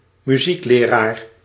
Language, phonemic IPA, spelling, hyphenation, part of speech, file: Dutch, /myˈzik.leːˌraːr/, muziekleraar, mu‧ziek‧le‧raar, noun, Nl-muziekleraar.ogg
- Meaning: a music teacher